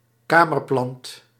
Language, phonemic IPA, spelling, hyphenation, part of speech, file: Dutch, /ˈkaː.mərˌplɑnt/, kamerplant, ka‧mer‧plant, noun, Nl-kamerplant.ogg
- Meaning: an indoor plant, a houseplant